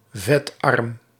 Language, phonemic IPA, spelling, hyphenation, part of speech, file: Dutch, /vɛtˈɑrm/, vetarm, vet‧arm, adjective, Nl-vetarm.ogg
- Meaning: having a low fat content